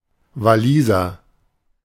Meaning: Welshman
- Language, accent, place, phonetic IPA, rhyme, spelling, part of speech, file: German, Germany, Berlin, [vaˈliːzɐ], -iːzɐ, Waliser, noun / adjective, De-Waliser.ogg